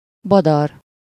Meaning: 1. confused, incoherent 2. stupid, silly
- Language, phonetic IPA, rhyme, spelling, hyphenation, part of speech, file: Hungarian, [ˈbɒdɒr], -ɒr, badar, ba‧dar, adjective, Hu-badar.ogg